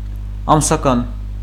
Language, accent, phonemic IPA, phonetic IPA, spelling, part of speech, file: Armenian, Eastern Armenian, /ɑmsɑˈkɑn/, [ɑmsɑkɑ́n], ամսական, adjective / adverb / noun, Hy-ամսական.ogg
- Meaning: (adjective) monthly; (noun) menstruation, period